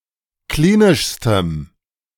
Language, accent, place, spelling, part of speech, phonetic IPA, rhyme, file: German, Germany, Berlin, klinischstem, adjective, [ˈkliːnɪʃstəm], -iːnɪʃstəm, De-klinischstem.ogg
- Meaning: strong dative masculine/neuter singular superlative degree of klinisch